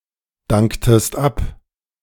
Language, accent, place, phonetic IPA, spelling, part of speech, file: German, Germany, Berlin, [ˌdaŋktəst ˈap], danktest ab, verb, De-danktest ab.ogg
- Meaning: inflection of abdanken: 1. second-person singular preterite 2. second-person singular subjunctive II